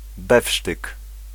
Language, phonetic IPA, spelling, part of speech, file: Polish, [ˈbɛfʃtɨk], befsztyk, noun, Pl-befsztyk.ogg